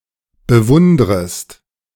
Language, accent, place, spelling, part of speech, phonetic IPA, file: German, Germany, Berlin, bewundrest, verb, [bəˈvʊndʁəst], De-bewundrest.ogg
- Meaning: second-person singular subjunctive I of bewundern